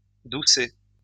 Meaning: soft; tender
- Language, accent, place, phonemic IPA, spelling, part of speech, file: French, France, Lyon, /du.sɛ/, doucet, adjective, LL-Q150 (fra)-doucet.wav